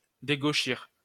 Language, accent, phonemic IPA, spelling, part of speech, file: French, France, /de.ɡo.ʃiʁ/, dégauchir, verb, LL-Q150 (fra)-dégauchir.wav
- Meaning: to plane (a surface)